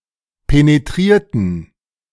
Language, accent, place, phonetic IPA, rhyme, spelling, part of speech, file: German, Germany, Berlin, [peneˈtʁiːɐ̯tn̩], -iːɐ̯tn̩, penetrierten, adjective / verb, De-penetrierten.ogg
- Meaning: inflection of penetrieren: 1. first/third-person plural preterite 2. first/third-person plural subjunctive II